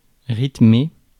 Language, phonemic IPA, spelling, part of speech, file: French, /ʁit.me/, rythmé, verb, Fr-rythmé.ogg
- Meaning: past participle of rythmer